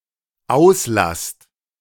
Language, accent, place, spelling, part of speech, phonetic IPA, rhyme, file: German, Germany, Berlin, auslasst, verb, [ˈaʊ̯sˌlast], -aʊ̯slast, De-auslasst.ogg
- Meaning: second-person plural dependent present of auslassen